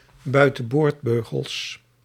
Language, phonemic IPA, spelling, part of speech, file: Dutch, /ˌbœytə(n)ˈbordbøɣəls/, buitenboordbeugels, noun, Nl-buitenboordbeugels.ogg
- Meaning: plural of buitenboordbeugel